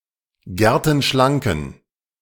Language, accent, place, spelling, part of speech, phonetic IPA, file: German, Germany, Berlin, gertenschlanken, adjective, [ˈɡɛʁtn̩ˌʃlaŋkn̩], De-gertenschlanken.ogg
- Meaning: inflection of gertenschlank: 1. strong genitive masculine/neuter singular 2. weak/mixed genitive/dative all-gender singular 3. strong/weak/mixed accusative masculine singular 4. strong dative plural